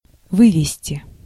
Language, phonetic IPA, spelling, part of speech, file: Russian, [ˈvɨvʲɪsʲtʲɪ], вывезти, verb, Ru-вывезти.ogg
- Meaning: 1. to take out (by vehicle), to remove 2. to deliver 3. to export 4. to bring back 5. to rescue, to save